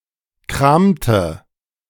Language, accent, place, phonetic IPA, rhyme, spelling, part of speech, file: German, Germany, Berlin, [ˈkʁaːmtə], -aːmtə, kramte, verb, De-kramte.ogg
- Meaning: inflection of kramen: 1. first/third-person singular preterite 2. first/third-person singular subjunctive II